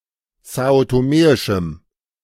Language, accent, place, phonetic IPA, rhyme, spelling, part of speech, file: German, Germany, Berlin, [ˌzaːotoˈmeːɪʃm̩], -eːɪʃm̩, são-toméischem, adjective, De-são-toméischem.ogg
- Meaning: strong dative masculine/neuter singular of são-toméisch